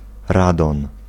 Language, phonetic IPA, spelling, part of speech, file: Polish, [ˈradɔ̃n], radon, noun, Pl-radon.ogg